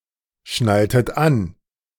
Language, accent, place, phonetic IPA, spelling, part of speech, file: German, Germany, Berlin, [ˌʃnaltət ˈan], schnalltet an, verb, De-schnalltet an.ogg
- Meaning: inflection of anschnallen: 1. second-person plural preterite 2. second-person plural subjunctive II